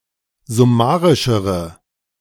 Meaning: inflection of summarisch: 1. strong/mixed nominative/accusative feminine singular comparative degree 2. strong nominative/accusative plural comparative degree
- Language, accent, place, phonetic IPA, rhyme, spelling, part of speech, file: German, Germany, Berlin, [zʊˈmaːʁɪʃəʁə], -aːʁɪʃəʁə, summarischere, adjective, De-summarischere.ogg